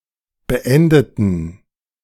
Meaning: inflection of beenden: 1. first/third-person plural preterite 2. first/third-person plural subjunctive II
- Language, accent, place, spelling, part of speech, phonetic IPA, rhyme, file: German, Germany, Berlin, beendeten, adjective / verb, [bəˈʔɛndətn̩], -ɛndətn̩, De-beendeten.ogg